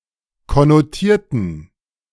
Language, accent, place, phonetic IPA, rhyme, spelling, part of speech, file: German, Germany, Berlin, [kɔnoˈtiːɐ̯tn̩], -iːɐ̯tn̩, konnotierten, adjective / verb, De-konnotierten.ogg
- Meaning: inflection of konnotieren: 1. first/third-person plural preterite 2. first/third-person plural subjunctive II